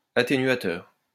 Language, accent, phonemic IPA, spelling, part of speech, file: French, France, /a.te.nɥa.tœʁ/, atténuateur, noun, LL-Q150 (fra)-atténuateur.wav
- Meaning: attenuator